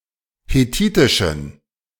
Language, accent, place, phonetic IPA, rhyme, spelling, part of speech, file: German, Germany, Berlin, [heˈtiːtɪʃn̩], -iːtɪʃn̩, hethitischen, adjective, De-hethitischen.ogg
- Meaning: inflection of hethitisch: 1. strong genitive masculine/neuter singular 2. weak/mixed genitive/dative all-gender singular 3. strong/weak/mixed accusative masculine singular 4. strong dative plural